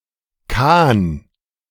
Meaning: khan
- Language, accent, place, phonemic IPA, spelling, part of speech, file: German, Germany, Berlin, /kaːn/, Khan, noun, De-Khan.ogg